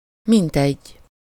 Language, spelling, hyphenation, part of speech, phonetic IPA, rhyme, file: Hungarian, mintegy, mint‧egy, adverb, [ˈmintɛɟː], -ɛɟː, Hu-mintegy.ogg
- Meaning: 1. about, around, approximately, or so, some, something like 2. as if, so to speak, as it were